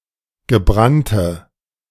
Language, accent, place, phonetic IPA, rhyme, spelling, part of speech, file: German, Germany, Berlin, [ɡəˈbʁantə], -antə, gebrannte, adjective, De-gebrannte.ogg
- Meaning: inflection of gebrannt: 1. strong/mixed nominative/accusative feminine singular 2. strong nominative/accusative plural 3. weak nominative all-gender singular